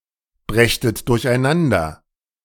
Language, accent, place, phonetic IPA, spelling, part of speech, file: German, Germany, Berlin, [ˌbʁɛçtət dʊʁçʔaɪ̯ˈnandɐ], brächtet durcheinander, verb, De-brächtet durcheinander.ogg
- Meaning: second-person plural subjunctive II of durcheinanderbringen